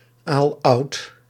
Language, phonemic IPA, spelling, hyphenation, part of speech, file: Dutch, /ˈaːl.ɑu̯t/, aaloud, aal‧oud, adjective, Nl-aaloud.ogg
- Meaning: obsolete form of aloud